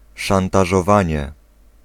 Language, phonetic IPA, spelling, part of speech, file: Polish, [ˌʃãntaʒɔˈvãɲɛ], szantażowanie, noun, Pl-szantażowanie.ogg